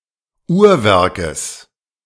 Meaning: genitive singular of Uhrwerk
- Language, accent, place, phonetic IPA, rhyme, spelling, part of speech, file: German, Germany, Berlin, [ˈuːɐ̯ˌvɛʁkəs], -uːɐ̯vɛʁkəs, Uhrwerkes, noun, De-Uhrwerkes.ogg